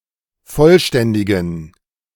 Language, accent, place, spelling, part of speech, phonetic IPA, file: German, Germany, Berlin, vollständigen, adjective, [ˈfɔlˌʃtɛndɪɡn̩], De-vollständigen.ogg
- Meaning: inflection of vollständig: 1. strong genitive masculine/neuter singular 2. weak/mixed genitive/dative all-gender singular 3. strong/weak/mixed accusative masculine singular 4. strong dative plural